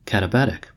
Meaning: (adjective) Downslope on a mountainside; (noun) Ellipsis of katabatic wind
- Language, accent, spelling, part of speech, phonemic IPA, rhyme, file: English, US, katabatic, adjective / noun, /kæt.əˈbæt.ɪk/, -ætɪk, En-us-katabatic.ogg